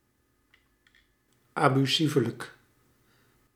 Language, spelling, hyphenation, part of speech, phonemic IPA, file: Dutch, abusievelijk, abu‧sie‧ve‧lijk, adverb, /ˌaː.byˈsi.və.lək/, Nl-abusievelijk.ogg
- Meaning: inadvertently, accidentally